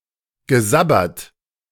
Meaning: past participle of sabbern
- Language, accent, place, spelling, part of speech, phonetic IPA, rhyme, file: German, Germany, Berlin, gesabbert, verb, [ɡəˈzabɐt], -abɐt, De-gesabbert.ogg